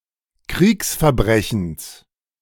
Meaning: genitive singular of Kriegsverbrechen
- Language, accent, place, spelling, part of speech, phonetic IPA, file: German, Germany, Berlin, Kriegsverbrechens, noun, [ˈkʁiːksfɛɐ̯ˌbʁɛçn̩s], De-Kriegsverbrechens.ogg